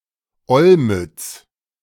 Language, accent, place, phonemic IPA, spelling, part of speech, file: German, Germany, Berlin, /ˈɔlmʏts/, Olmütz, proper noun, De-Olmütz.ogg
- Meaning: Olomouc (a city in the Czech Republic)